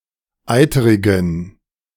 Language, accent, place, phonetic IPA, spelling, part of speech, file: German, Germany, Berlin, [ˈaɪ̯təʁɪɡn̩], eiterigen, adjective, De-eiterigen.ogg
- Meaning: inflection of eiterig: 1. strong genitive masculine/neuter singular 2. weak/mixed genitive/dative all-gender singular 3. strong/weak/mixed accusative masculine singular 4. strong dative plural